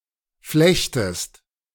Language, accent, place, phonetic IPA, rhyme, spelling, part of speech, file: German, Germany, Berlin, [ˈflɛçtəst], -ɛçtəst, flechtest, verb, De-flechtest.ogg
- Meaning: second-person singular subjunctive I of flechten